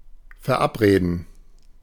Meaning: 1. to arrange 2. to make an appointment
- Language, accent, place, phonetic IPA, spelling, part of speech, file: German, Germany, Berlin, [fɛɐ̯ˈʔapˌʁeːdn̩], verabreden, verb, De-verabreden.ogg